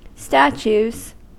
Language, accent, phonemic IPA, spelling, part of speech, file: English, US, /ˈstæt͡ʃuz/, statues, noun / verb, En-us-statues.ogg
- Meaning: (noun) 1. plural of statue 2. A children's game in which the players have to stand still without moving while being looked at; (verb) third-person singular simple present indicative of statue